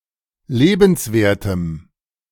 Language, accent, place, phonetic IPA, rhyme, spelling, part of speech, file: German, Germany, Berlin, [ˈleːbn̩sˌveːɐ̯təm], -eːbn̩sveːɐ̯təm, lebenswertem, adjective, De-lebenswertem.ogg
- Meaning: strong dative masculine/neuter singular of lebenswert